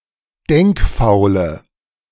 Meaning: inflection of denkfaul: 1. strong/mixed nominative/accusative feminine singular 2. strong nominative/accusative plural 3. weak nominative all-gender singular
- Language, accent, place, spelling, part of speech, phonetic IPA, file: German, Germany, Berlin, denkfaule, adjective, [ˈdɛŋkˌfaʊ̯lə], De-denkfaule.ogg